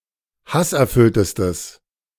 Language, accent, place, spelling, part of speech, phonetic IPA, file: German, Germany, Berlin, hasserfülltestes, adjective, [ˈhasʔɛɐ̯ˌfʏltəstəs], De-hasserfülltestes.ogg
- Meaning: strong/mixed nominative/accusative neuter singular superlative degree of hasserfüllt